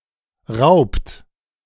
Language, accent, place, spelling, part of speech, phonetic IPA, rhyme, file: German, Germany, Berlin, raubt, verb, [ʁaʊ̯pt], -aʊ̯pt, De-raubt.ogg
- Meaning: inflection of rauben: 1. second-person plural present 2. third-person singular present 3. plural imperative